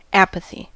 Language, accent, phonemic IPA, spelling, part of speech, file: English, US, /ˈæ.pə.θi/, apathy, noun, En-us-apathy.ogg
- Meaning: Lack of emotion or motivation; lack of interest or enthusiasm towards something; disinterest (in something)